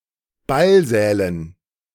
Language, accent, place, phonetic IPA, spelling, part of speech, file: German, Germany, Berlin, [ˈbalˌzɛːlən], Ballsälen, noun, De-Ballsälen.ogg
- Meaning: dative plural of Ballsaal